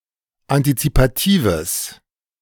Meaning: strong/mixed nominative/accusative neuter singular of antizipativ
- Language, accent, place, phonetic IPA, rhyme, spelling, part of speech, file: German, Germany, Berlin, [antit͡sipaˈtiːvəs], -iːvəs, antizipatives, adjective, De-antizipatives.ogg